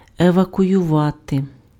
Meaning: to evacuate
- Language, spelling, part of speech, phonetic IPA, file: Ukrainian, евакуювати, verb, [eʋɐkʊjʊˈʋate], Uk-евакуювати.ogg